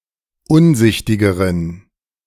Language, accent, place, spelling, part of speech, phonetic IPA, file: German, Germany, Berlin, unsichtigeren, adjective, [ˈʊnˌzɪçtɪɡəʁən], De-unsichtigeren.ogg
- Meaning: inflection of unsichtig: 1. strong genitive masculine/neuter singular comparative degree 2. weak/mixed genitive/dative all-gender singular comparative degree